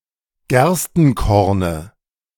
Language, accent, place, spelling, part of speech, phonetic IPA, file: German, Germany, Berlin, Gerstenkorne, noun, [ˈɡɛʁstn̩ˌkɔʁnə], De-Gerstenkorne.ogg
- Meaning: dative of Gerstenkorn